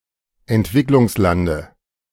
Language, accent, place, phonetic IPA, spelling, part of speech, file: German, Germany, Berlin, [ɛntˈvɪklʊŋsˌlandə], Entwicklungslande, noun, De-Entwicklungslande.ogg
- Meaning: dative singular of Entwicklungsland